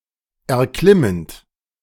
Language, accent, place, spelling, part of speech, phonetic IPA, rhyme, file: German, Germany, Berlin, erklimmend, verb, [ɛɐ̯ˈklɪmənt], -ɪmənt, De-erklimmend.ogg
- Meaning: present participle of erklimmen